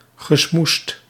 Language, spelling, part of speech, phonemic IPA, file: Dutch, gesmoesd, verb, /ɣəˈsmust/, Nl-gesmoesd.ogg
- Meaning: past participle of smoezen